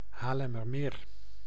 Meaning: 1. a former lake in North Holland, the Netherlands, located between Amsterdam, Leiden and Haarlem, drained between 1849 and 1852 2. a municipality of North Holland, Netherlands
- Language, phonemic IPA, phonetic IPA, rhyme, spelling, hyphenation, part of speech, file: Dutch, /ˌɦaːr.lɛ.mərˈmeːr/, [ˌɦaːr.lɛ.mərˈmɪːr], -eːr, Haarlemmermeer, Haar‧lem‧mer‧meer, proper noun, Nl-Haarlemmermeer.ogg